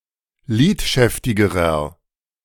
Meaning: inflection of lidschäftig: 1. strong/mixed nominative masculine singular comparative degree 2. strong genitive/dative feminine singular comparative degree 3. strong genitive plural comparative degree
- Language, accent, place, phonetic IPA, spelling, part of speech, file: German, Germany, Berlin, [ˈliːtˌʃɛftɪɡəʁɐ], lidschäftigerer, adjective, De-lidschäftigerer.ogg